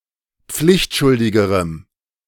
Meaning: strong dative masculine/neuter singular comparative degree of pflichtschuldig
- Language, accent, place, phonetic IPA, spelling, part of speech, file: German, Germany, Berlin, [ˈp͡flɪçtˌʃʊldɪɡəʁəm], pflichtschuldigerem, adjective, De-pflichtschuldigerem.ogg